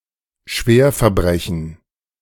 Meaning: serious crime, felony
- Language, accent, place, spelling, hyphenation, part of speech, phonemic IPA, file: German, Germany, Berlin, Schwerverbrechen, Schwer‧ver‧bre‧chen, noun, /ˈʃveːɐ̯fɛɐ̯ˌbʁɛçn̩/, De-Schwerverbrechen.ogg